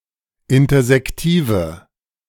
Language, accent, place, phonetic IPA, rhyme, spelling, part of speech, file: German, Germany, Berlin, [ˌɪntɐzɛkˈtiːvə], -iːvə, intersektive, adjective, De-intersektive.ogg
- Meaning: inflection of intersektiv: 1. strong/mixed nominative/accusative feminine singular 2. strong nominative/accusative plural 3. weak nominative all-gender singular